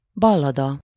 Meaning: ballad (a form of verse)
- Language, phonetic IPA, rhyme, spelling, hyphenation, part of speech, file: Hungarian, [ˈbɒlːɒdɒ], -dɒ, ballada, bal‧la‧da, noun, Hu-ballada.ogg